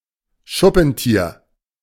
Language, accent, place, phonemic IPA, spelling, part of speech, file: German, Germany, Berlin, /ˈʃʊpn̩ˌtiːɐ̯/, Schuppentier, noun, De-Schuppentier.ogg
- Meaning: pangolin